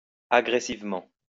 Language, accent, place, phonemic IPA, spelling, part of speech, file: French, France, Lyon, /a.ɡʁe.siv.mɑ̃/, agressivement, adverb, LL-Q150 (fra)-agressivement.wav
- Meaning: aggressively